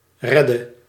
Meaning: inflection of redden: 1. singular past indicative 2. singular past/present subjunctive
- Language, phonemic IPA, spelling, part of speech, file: Dutch, /ˈrɛdə/, redde, verb, Nl-redde.ogg